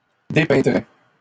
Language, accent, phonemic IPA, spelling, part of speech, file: French, Canada, /de.pɛ̃.dʁɛ/, dépeindrais, verb, LL-Q150 (fra)-dépeindrais.wav
- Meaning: first/second-person singular conditional of dépeindre